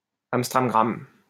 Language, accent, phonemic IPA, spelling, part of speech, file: French, France, /ams tʁam ɡʁam/, ams tram gram, phrase, LL-Q150 (fra)-ams tram gram.wav
- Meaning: eeny, meeny, miny, moe